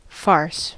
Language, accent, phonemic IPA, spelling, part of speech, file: English, US, /fɑɹs/, farce, noun / verb, En-us-farce.ogg
- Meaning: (noun) 1. A style of humor marked by broad improbabilities with little regard to regularity or method 2. A motion picture or play featuring this style of humor